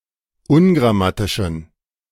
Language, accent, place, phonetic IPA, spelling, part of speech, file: German, Germany, Berlin, [ˈʊnɡʁaˌmatɪʃn̩], ungrammatischen, adjective, De-ungrammatischen.ogg
- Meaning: inflection of ungrammatisch: 1. strong genitive masculine/neuter singular 2. weak/mixed genitive/dative all-gender singular 3. strong/weak/mixed accusative masculine singular 4. strong dative plural